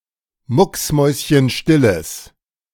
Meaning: strong/mixed nominative/accusative neuter singular of mucksmäuschenstill
- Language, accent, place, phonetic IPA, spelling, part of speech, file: German, Germany, Berlin, [ˈmʊksˌmɔɪ̯sçənʃtɪləs], mucksmäuschenstilles, adjective, De-mucksmäuschenstilles.ogg